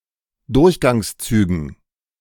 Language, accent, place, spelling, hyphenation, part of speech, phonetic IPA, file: German, Germany, Berlin, Durchgangszügen, Durch‧gangs‧zü‧gen, noun, [ˈdʊʁçɡaŋsˌt͡syːɡn̩], De-Durchgangszügen.ogg
- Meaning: dative plural of Durchgangszug